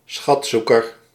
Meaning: a treasure hunter
- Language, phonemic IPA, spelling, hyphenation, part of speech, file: Dutch, /ˈsxɑtˌsu.kər/, schatzoeker, schat‧zoe‧ker, noun, Nl-schatzoeker.ogg